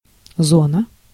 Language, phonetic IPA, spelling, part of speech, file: Russian, [ˈzonə], зона, noun, Ru-зона.ogg
- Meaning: 1. zone 2. prison